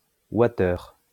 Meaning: watt-hour
- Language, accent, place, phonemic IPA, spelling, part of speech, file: French, France, Lyon, /wa.tœʁ/, wattheure, noun, LL-Q150 (fra)-wattheure.wav